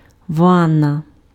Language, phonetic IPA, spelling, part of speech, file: Ukrainian, [ˈʋanːɐ], ванна, noun, Uk-ванна.ogg
- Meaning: 1. bath, bathtub 2. bathing (process of washing oneself) 3. ellipsis of ва́нна кімна́та f (vánna kimnáta, “bathroom”)